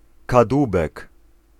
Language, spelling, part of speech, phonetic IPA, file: Polish, kadłubek, noun, [kadˈwubɛk], Pl-kadłubek.ogg